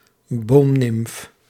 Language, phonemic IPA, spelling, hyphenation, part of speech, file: Dutch, /ˈboːm.nɪmf/, boomnimf, boom‧nimf, noun, Nl-boomnimf.ogg
- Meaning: tree nymph